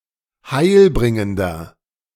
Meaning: 1. comparative degree of heilbringend 2. inflection of heilbringend: strong/mixed nominative masculine singular 3. inflection of heilbringend: strong genitive/dative feminine singular
- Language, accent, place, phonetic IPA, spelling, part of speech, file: German, Germany, Berlin, [ˈhaɪ̯lˌbʁɪŋəndɐ], heilbringender, adjective, De-heilbringender.ogg